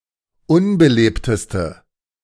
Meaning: inflection of unbelebt: 1. strong/mixed nominative/accusative feminine singular superlative degree 2. strong nominative/accusative plural superlative degree
- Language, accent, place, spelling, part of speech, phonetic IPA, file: German, Germany, Berlin, unbelebteste, adjective, [ˈʊnbəˌleːptəstə], De-unbelebteste.ogg